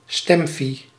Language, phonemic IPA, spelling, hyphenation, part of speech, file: Dutch, /ˈstɛm.fi/, stemfie, stem‧fie, noun, Nl-stemfie.ogg
- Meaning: a self-portrait photographed in a polling booth